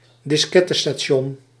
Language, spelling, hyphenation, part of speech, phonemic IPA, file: Dutch, diskettestation, dis‧ket‧te‧sta‧ti‧on, noun, /dɪsˈkɛ.tə.staːˌʃɔn/, Nl-diskettestation.ogg
- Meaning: floppy drive